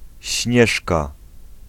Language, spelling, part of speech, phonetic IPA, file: Polish, Śnieżka, proper noun, [ˈɕɲɛʃka], Pl-Śnieżka.ogg